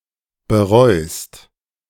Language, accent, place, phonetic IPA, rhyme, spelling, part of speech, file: German, Germany, Berlin, [bəˈʁɔɪ̯st], -ɔɪ̯st, bereust, verb, De-bereust.ogg
- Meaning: second-person singular present of bereuen